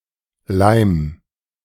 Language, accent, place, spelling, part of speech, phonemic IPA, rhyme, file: German, Germany, Berlin, Leim, noun, /laɪ̯m/, -aɪ̯m, De-Leim2.ogg
- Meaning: glue